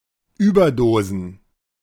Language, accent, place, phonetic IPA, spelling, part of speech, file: German, Germany, Berlin, [ˈyːbɐˌdoːzn̩], Überdosen, noun, De-Überdosen.ogg
- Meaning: plural of Überdosis